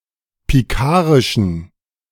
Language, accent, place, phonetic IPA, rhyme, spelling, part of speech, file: German, Germany, Berlin, [piˈkaːʁɪʃn̩], -aːʁɪʃn̩, pikarischen, adjective, De-pikarischen.ogg
- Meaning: inflection of pikarisch: 1. strong genitive masculine/neuter singular 2. weak/mixed genitive/dative all-gender singular 3. strong/weak/mixed accusative masculine singular 4. strong dative plural